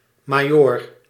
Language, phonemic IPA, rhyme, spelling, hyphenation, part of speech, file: Dutch, /maːˈjoːr/, -oːr, majoor, ma‧joor, noun, Nl-majoor.ogg
- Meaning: 1. major, a rank above captain 2. in compounds, -majoor can also mean major - (senior)